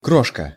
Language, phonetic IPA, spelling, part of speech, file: Russian, [ˈkroʂkə], крошка, noun, Ru-крошка.ogg
- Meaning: 1. crumb, bit (a small, broken-off piece of some solid material, e.g. bread) 2. streusel 3. fine crushed rock (with 2–5 mm grains) 4. crushing, pulverization